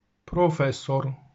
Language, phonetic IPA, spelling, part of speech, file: Polish, [prɔˈfɛsɔr], profesor, noun, Pl-profesor.ogg